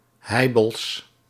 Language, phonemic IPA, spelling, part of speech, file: Dutch, /ˈhɛibəls/, heibels, noun, Nl-heibels.ogg
- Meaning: plural of heibel